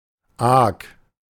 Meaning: A flat cargo vessel used on the Lower Rhine
- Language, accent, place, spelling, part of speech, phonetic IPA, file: German, Germany, Berlin, Aak, noun, [aːk], De-Aak.ogg